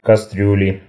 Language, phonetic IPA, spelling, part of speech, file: Russian, [kɐˈstrʲʉlʲɪ], кастрюли, noun, Ru-кастрюли.ogg
- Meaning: inflection of кастрю́ля (kastrjúlja): 1. genitive singular 2. nominative/accusative plural